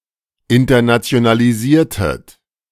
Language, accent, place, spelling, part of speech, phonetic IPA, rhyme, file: German, Germany, Berlin, internationalisiertet, verb, [ɪntɐnat͡si̯onaliˈziːɐ̯tət], -iːɐ̯tət, De-internationalisiertet.ogg
- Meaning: inflection of internationalisieren: 1. second-person plural preterite 2. second-person plural subjunctive II